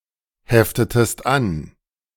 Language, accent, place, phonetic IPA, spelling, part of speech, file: German, Germany, Berlin, [ˌhɛftətəst ˈan], heftetest an, verb, De-heftetest an.ogg
- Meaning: inflection of anheften: 1. second-person singular preterite 2. second-person singular subjunctive II